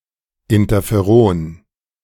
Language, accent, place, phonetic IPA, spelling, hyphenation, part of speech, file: German, Germany, Berlin, [ˌɪntɐfeˈʁoːn], Interferon, In‧ter‧fe‧ron, noun, De-Interferon.ogg
- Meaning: interferon